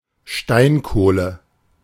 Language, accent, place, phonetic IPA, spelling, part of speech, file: German, Germany, Berlin, [ˈʃtaɪ̯nˌkoːlə], Steinkohle, noun, De-Steinkohle.ogg
- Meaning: glance coal